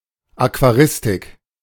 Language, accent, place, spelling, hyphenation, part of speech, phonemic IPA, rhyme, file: German, Germany, Berlin, Aquaristik, Aqua‧ris‧tik, noun, /akvaˈʁɪstɪk/, -ɪstɪk, De-Aquaristik.ogg
- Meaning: actions and knowledge used to run an aquarium, aquaristics, fishkeeping